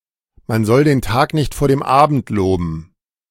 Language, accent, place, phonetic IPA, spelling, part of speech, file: German, Germany, Berlin, [man zɔl den ˈtaːk nɪçt foːɐ̯ dem ˈaːbn̩t ˈloːbm̩], man soll den Tag nicht vor dem Abend loben, proverb, De-man soll den Tag nicht vor dem Abend loben.ogg
- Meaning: don't count your chickens before they're hatched